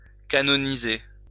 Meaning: to canonize
- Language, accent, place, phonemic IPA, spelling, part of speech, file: French, France, Lyon, /ka.nɔ.ni.ze/, canoniser, verb, LL-Q150 (fra)-canoniser.wav